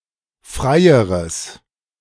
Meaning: strong/mixed nominative/accusative neuter singular comparative degree of frei
- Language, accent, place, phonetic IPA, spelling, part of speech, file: German, Germany, Berlin, [ˈfʁaɪ̯əʁəs], freieres, adjective, De-freieres.ogg